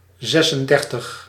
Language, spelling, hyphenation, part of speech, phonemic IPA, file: Dutch, zesendertig, zes‧en‧der‧tig, numeral, /ˈzɛ.sənˌdɛr.təx/, Nl-zesendertig.ogg
- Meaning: thirty-six